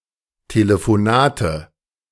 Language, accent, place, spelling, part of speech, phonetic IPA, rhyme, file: German, Germany, Berlin, Telefonate, noun, [teləfoˈnaːtə], -aːtə, De-Telefonate.ogg
- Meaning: nominative/accusative/genitive plural of Telefonat